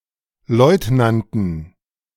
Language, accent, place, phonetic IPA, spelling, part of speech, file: German, Germany, Berlin, [ˈlɔɪ̯tnantn̩], Leutnanten, noun, De-Leutnanten.ogg
- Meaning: dative plural of Leutnant